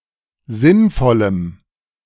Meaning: strong dative masculine/neuter singular of sinnvoll
- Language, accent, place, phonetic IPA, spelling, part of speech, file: German, Germany, Berlin, [ˈzɪnˌfɔləm], sinnvollem, adjective, De-sinnvollem.ogg